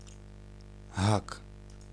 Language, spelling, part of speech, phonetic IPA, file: Polish, hak, noun, [xak], Pl-hak.ogg